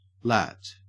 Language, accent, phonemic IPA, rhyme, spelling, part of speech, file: English, Australia, /læt/, -æt, lat, noun, En-au-lat.ogg
- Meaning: Clipping of latitude